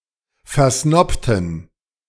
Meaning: inflection of versnobt: 1. strong genitive masculine/neuter singular 2. weak/mixed genitive/dative all-gender singular 3. strong/weak/mixed accusative masculine singular 4. strong dative plural
- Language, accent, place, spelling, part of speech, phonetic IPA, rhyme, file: German, Germany, Berlin, versnobten, adjective / verb, [fɛɐ̯ˈsnɔptn̩], -ɔptn̩, De-versnobten.ogg